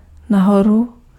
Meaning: up, upward, upwards (in the direction away from earth’s centre)
- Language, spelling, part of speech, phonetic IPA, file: Czech, nahoru, adverb, [ˈnaɦoru], Cs-nahoru.ogg